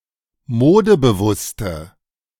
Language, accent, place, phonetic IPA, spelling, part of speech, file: German, Germany, Berlin, [ˈmoːdəbəˌvʊstə], modebewusste, adjective, De-modebewusste.ogg
- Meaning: inflection of modebewusst: 1. strong/mixed nominative/accusative feminine singular 2. strong nominative/accusative plural 3. weak nominative all-gender singular